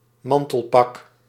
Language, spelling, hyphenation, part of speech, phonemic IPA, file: Dutch, mantelpak, man‧tel‧pak, noun, /ˈmɑn.təlˌpɑk/, Nl-mantelpak.ogg
- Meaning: a ladies' suit with a skirt